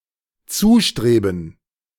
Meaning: to head to, make for
- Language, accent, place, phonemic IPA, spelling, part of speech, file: German, Germany, Berlin, /ˈt͡suːʃtʁeːbən/, zustreben, verb, De-zustreben.ogg